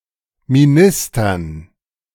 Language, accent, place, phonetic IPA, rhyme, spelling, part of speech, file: German, Germany, Berlin, [miˈnɪstɐn], -ɪstɐn, Ministern, noun, De-Ministern.ogg
- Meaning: dative plural of Minister